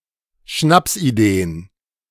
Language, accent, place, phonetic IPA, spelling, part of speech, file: German, Germany, Berlin, [ˈʃnapsʔiˌdeːən], Schnapsideen, noun, De-Schnapsideen.ogg
- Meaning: plural of Schnapsidee